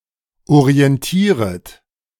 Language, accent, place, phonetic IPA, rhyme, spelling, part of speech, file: German, Germany, Berlin, [oʁiɛnˈtiːʁət], -iːʁət, orientieret, verb, De-orientieret.ogg
- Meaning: second-person plural subjunctive I of orientieren